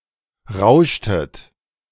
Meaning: inflection of rauschen: 1. second-person plural preterite 2. second-person plural subjunctive II
- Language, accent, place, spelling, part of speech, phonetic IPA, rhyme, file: German, Germany, Berlin, rauschtet, verb, [ˈʁaʊ̯ʃtət], -aʊ̯ʃtət, De-rauschtet.ogg